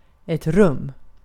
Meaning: 1. a room (in a building) 2. a room (in a building): short for hotellrum (“hotel room”), or another room used for short-term lodging 3. space, room 4. a space
- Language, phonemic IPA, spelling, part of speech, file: Swedish, /rɵm/, rum, noun, Sv-rum.ogg